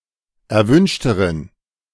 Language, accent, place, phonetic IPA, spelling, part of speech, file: German, Germany, Berlin, [ɛɐ̯ˈvʏnʃtəʁən], erwünschteren, adjective, De-erwünschteren.ogg
- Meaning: inflection of erwünscht: 1. strong genitive masculine/neuter singular comparative degree 2. weak/mixed genitive/dative all-gender singular comparative degree